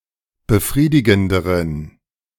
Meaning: inflection of befriedigend: 1. strong genitive masculine/neuter singular comparative degree 2. weak/mixed genitive/dative all-gender singular comparative degree
- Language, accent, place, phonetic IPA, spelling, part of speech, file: German, Germany, Berlin, [bəˈfʁiːdɪɡn̩dəʁən], befriedigenderen, adjective, De-befriedigenderen.ogg